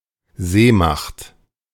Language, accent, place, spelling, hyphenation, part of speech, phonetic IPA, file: German, Germany, Berlin, Seemacht, See‧macht, noun, [ˈzeːmaχt], De-Seemacht.ogg
- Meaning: naval power